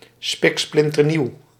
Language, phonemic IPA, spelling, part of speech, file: Dutch, /ˈspɪksplɪntərˌniw/, spiksplinternieuw, adjective, Nl-spiksplinternieuw.ogg
- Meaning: brand new